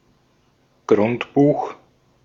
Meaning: 1. property register, land register, cadastre, cadaster (property register) 2. daybook, journal
- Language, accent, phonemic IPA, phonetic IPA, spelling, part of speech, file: German, Austria, /ˈɡʁʊntˌbuːx/, [ˈɡʁʊntˌbuːχ], Grundbuch, noun, De-at-Grundbuch.ogg